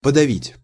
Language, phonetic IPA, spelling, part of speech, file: Russian, [pədɐˈvʲitʲ], подавить, verb, Ru-подавить.ogg
- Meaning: 1. to suppress, to repress, to quell, to stifle 2. to depress, to overwhelm 3. to press (several times or continuously)